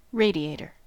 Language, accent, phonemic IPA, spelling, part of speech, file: English, US, /ˈɹej.di(j)ˌej.tɚ/, radiator, noun, En-us-radiator.ogg
- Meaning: 1. Anything which radiates or emits rays 2. A device that lowers engine coolant temperature by conducting heat to the air, through metal fins